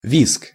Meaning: scream, squeal, shriek, screech
- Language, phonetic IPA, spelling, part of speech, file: Russian, [vʲisk], визг, noun, Ru-визг.ogg